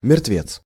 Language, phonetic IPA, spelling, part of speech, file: Russian, [mʲɪrtˈvʲet͡s], мертвец, noun, Ru-мертвец.ogg
- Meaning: corpse, cadaver, dead man, dead body